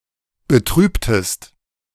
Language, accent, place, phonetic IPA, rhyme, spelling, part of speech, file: German, Germany, Berlin, [bəˈtʁyːptəst], -yːptəst, betrübtest, verb, De-betrübtest.ogg
- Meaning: inflection of betrüben: 1. second-person singular preterite 2. second-person singular subjunctive II